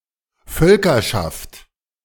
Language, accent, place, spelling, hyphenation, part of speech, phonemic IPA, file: German, Germany, Berlin, Völkerschaft, Völ‧ker‧schaft, noun, /ˈfœlkɐʃaft/, De-Völkerschaft.ogg
- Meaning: tribe; small nation